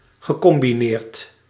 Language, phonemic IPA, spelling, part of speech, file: Dutch, /ɣəˌkɔmbiˈnert/, gecombineerd, verb / adjective, Nl-gecombineerd.ogg
- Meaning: past participle of combineren